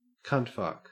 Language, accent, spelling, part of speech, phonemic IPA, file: English, Australia, cuntfuck, noun / verb, /ˈkʌntˌfʌk/, En-au-cuntfuck.ogg
- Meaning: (noun) 1. A stupid or otherwise undesirable person 2. An act of vaginal penetration; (verb) To engage in vaginal sex